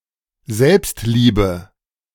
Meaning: self-love
- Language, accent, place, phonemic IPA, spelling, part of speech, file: German, Germany, Berlin, /ˈzɛlps(t)liːbə/, Selbstliebe, noun, De-Selbstliebe.ogg